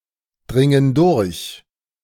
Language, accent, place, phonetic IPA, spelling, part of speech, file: German, Germany, Berlin, [ˌdʁɪŋən ˈdʊʁç], dringen durch, verb, De-dringen durch.ogg
- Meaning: inflection of durchdringen: 1. first/third-person plural present 2. first/third-person plural subjunctive I